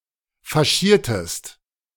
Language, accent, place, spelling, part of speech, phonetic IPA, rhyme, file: German, Germany, Berlin, faschiertest, verb, [faˈʃiːɐ̯təst], -iːɐ̯təst, De-faschiertest.ogg
- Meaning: inflection of faschieren: 1. second-person singular preterite 2. second-person singular subjunctive II